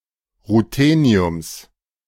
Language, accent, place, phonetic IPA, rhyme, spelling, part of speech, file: German, Germany, Berlin, [ʁuˈteːni̯ʊms], -eːni̯ʊms, Rutheniums, noun, De-Rutheniums.ogg
- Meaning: genitive singular of Ruthenium